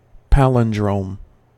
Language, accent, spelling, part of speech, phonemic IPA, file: English, US, palindrome, noun, /ˈpælɪndɹoʊm/, En-us-palindrome.ogg